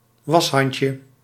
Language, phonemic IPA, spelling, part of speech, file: Dutch, /ˈwɑshɑɲcə/, washandje, noun, Nl-washandje.ogg
- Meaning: diminutive of washand